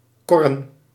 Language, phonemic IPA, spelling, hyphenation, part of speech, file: Dutch, /ˈkɔ.rə(n)/, korren, kor‧ren, verb, Nl-korren.ogg
- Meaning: to fish by pulling a small funnel-shaped dragnet by a long rope over the sea floor close to the shoreline or near shallows